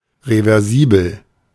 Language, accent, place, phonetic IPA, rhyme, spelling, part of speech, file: German, Germany, Berlin, [ʁevɛʁˈziːbl̩], -iːbl̩, reversibel, adjective, De-reversibel.ogg
- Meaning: reversible